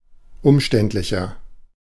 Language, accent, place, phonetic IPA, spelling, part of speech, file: German, Germany, Berlin, [ˈʊmˌʃtɛntlɪçɐ], umständlicher, adjective, De-umständlicher.ogg
- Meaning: 1. comparative degree of umständlich 2. inflection of umständlich: strong/mixed nominative masculine singular 3. inflection of umständlich: strong genitive/dative feminine singular